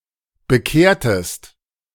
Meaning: inflection of bekehren: 1. second-person singular preterite 2. second-person singular subjunctive II
- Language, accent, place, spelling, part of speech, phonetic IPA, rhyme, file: German, Germany, Berlin, bekehrtest, verb, [bəˈkeːɐ̯təst], -eːɐ̯təst, De-bekehrtest.ogg